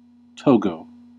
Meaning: 1. A country in West Africa. Official name: Togolese Republic 2. A surname 3. A village in Saskatchewan, Canada
- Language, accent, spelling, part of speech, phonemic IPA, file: English, US, Togo, proper noun, /ˈtoʊɡoʊ/, En-us-Togo.ogg